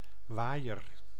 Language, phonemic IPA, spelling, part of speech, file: Dutch, /ˈʋaːi̯ər/, waaier, noun / verb, Nl-waaier.ogg
- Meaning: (noun) 1. hand-held fan (used for cooling oneself) 2. something resembling the shape of a fan; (verb) inflection of waaieren: first-person singular present indicative